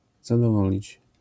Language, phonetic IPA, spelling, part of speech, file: Polish, [ˌzadɔˈvɔlʲit͡ɕ], zadowolić, verb, LL-Q809 (pol)-zadowolić.wav